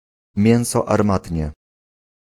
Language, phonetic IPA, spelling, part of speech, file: Polish, [ˈmʲjɛ̃w̃sɔ arˈmatʲɲɛ], mięso armatnie, noun, Pl-mięso armatnie.ogg